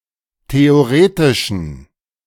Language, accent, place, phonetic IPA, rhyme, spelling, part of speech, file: German, Germany, Berlin, [teoˈʁeːtɪʃn̩], -eːtɪʃn̩, theoretischen, adjective, De-theoretischen.ogg
- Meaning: inflection of theoretisch: 1. strong genitive masculine/neuter singular 2. weak/mixed genitive/dative all-gender singular 3. strong/weak/mixed accusative masculine singular 4. strong dative plural